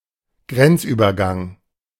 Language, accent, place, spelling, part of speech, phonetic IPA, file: German, Germany, Berlin, Grenzübergang, noun, [ˈɡʁɛnt͡sʔyːbɐˌɡaŋ], De-Grenzübergang.ogg
- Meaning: border crossing